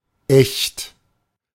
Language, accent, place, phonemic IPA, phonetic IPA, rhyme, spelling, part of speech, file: German, Germany, Berlin, /ɛçt/, [ʔɛçt], -ɛçt, echt, adjective / adverb / interjection, De-echt.ogg
- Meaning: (adjective) 1. authentic, genuine, true 2. real; factual 3. proper; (adverb) really; indeed; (interjection) expresses disbelief or shock at new information